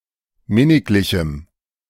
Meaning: strong dative masculine/neuter singular of minniglich
- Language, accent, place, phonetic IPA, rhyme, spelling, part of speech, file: German, Germany, Berlin, [ˈmɪnɪklɪçm̩], -ɪnɪklɪçm̩, minniglichem, adjective, De-minniglichem.ogg